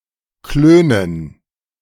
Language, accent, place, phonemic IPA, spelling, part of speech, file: German, Germany, Berlin, /ˈkløːnən/, klönen, verb, De-klönen.ogg
- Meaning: to chat